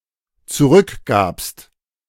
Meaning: second-person singular dependent preterite of zurückgeben
- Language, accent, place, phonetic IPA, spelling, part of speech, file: German, Germany, Berlin, [t͡suˈʁʏkˌɡaːpst], zurückgabst, verb, De-zurückgabst.ogg